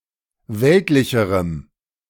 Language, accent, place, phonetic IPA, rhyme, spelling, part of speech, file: German, Germany, Berlin, [ˈvɛltlɪçəʁəm], -ɛltlɪçəʁəm, weltlicherem, adjective, De-weltlicherem.ogg
- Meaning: strong dative masculine/neuter singular comparative degree of weltlich